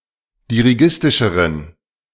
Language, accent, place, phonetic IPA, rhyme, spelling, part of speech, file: German, Germany, Berlin, [diʁiˈɡɪstɪʃəʁən], -ɪstɪʃəʁən, dirigistischeren, adjective, De-dirigistischeren.ogg
- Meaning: inflection of dirigistisch: 1. strong genitive masculine/neuter singular comparative degree 2. weak/mixed genitive/dative all-gender singular comparative degree